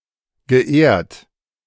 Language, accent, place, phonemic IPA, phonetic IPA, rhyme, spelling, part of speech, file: German, Germany, Berlin, /ɡəˈeːʁt/, [ɡəˈʔeːɐ̯t], -eːɐ̯t, geehrt, verb, De-geehrt.ogg
- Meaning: past participle of ehren